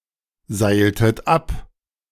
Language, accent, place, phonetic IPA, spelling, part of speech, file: German, Germany, Berlin, [ˌzaɪ̯ltət ˈap], seiltet ab, verb, De-seiltet ab.ogg
- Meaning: inflection of abseilen: 1. second-person plural preterite 2. second-person plural subjunctive II